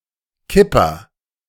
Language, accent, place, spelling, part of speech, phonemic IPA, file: German, Germany, Berlin, Kipper, noun / proper noun, /ˈkɪpɐ/, De-Kipper.ogg
- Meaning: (noun) 1. dumper, tipper lorry 2. coin forger/counterfeiter (someone who put coins with too low a precious metal content into circulation) 3. kipper; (proper noun) a surname